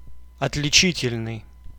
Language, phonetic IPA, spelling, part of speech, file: Russian, [ɐtlʲɪˈt͡ɕitʲɪlʲnɨj], отличительный, adjective, Ru-отличительный.ogg
- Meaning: characteristic, distinctive, distinguishing